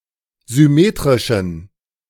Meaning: inflection of symmetrisch: 1. strong genitive masculine/neuter singular 2. weak/mixed genitive/dative all-gender singular 3. strong/weak/mixed accusative masculine singular 4. strong dative plural
- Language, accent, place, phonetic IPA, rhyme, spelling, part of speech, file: German, Germany, Berlin, [zʏˈmeːtʁɪʃn̩], -eːtʁɪʃn̩, symmetrischen, adjective, De-symmetrischen.ogg